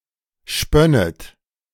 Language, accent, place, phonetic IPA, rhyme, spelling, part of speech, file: German, Germany, Berlin, [ˈʃpœnət], -œnət, spönnet, verb, De-spönnet.ogg
- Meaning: second-person plural subjunctive II of spinnen